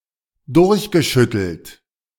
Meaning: past participle of durchschütteln
- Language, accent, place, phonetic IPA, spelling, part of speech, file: German, Germany, Berlin, [ˈdʊʁçɡəˌʃʏtl̩t], durchgeschüttelt, verb, De-durchgeschüttelt.ogg